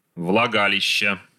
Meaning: inflection of влага́лище (vlagálišče): 1. genitive singular 2. nominative/accusative plural
- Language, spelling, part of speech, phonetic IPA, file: Russian, влагалища, noun, [vɫɐˈɡalʲɪɕːə], Ru-влагалища.ogg